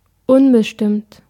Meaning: 1. undetermined 2. indefinite
- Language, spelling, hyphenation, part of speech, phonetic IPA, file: German, unbestimmt, un‧be‧stimmt, adjective, [ˈʊnbəʃtɪmt], De-unbestimmt.ogg